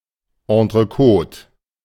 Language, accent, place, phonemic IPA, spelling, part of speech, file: German, Germany, Berlin, /ɑ̃tʁəˈkoːt/, Entrecote, noun, De-Entrecote.ogg
- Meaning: entrecôte (a premium cut of beef)